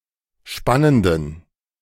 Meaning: inflection of spannend: 1. strong genitive masculine/neuter singular 2. weak/mixed genitive/dative all-gender singular 3. strong/weak/mixed accusative masculine singular 4. strong dative plural
- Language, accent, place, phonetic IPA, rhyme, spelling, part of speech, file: German, Germany, Berlin, [ˈʃpanəndn̩], -anəndn̩, spannenden, adjective, De-spannenden.ogg